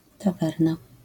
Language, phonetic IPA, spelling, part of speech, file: Polish, [taˈvɛrna], tawerna, noun, LL-Q809 (pol)-tawerna.wav